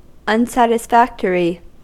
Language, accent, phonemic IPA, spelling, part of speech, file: English, US, /ˌʌnsætɪsˈfækt(ə)ɹi/, unsatisfactory, adjective, En-us-unsatisfactory.ogg
- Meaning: Inadequate, substandard or not satisfactory